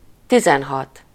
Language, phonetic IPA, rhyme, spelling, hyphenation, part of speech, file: Hungarian, [ˈtizɛnɦɒt], -ɒt, tizenhat, ti‧zen‧hat, numeral, Hu-tizenhat.ogg
- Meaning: sixteen